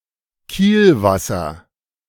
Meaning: wake
- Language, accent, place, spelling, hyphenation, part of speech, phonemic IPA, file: German, Germany, Berlin, Kielwasser, Kiel‧was‧ser, noun, /ˈkiːlˌvasɐ/, De-Kielwasser.ogg